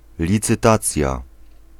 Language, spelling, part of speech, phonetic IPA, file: Polish, licytacja, noun, [ˌlʲit͡sɨˈtat͡sʲja], Pl-licytacja.ogg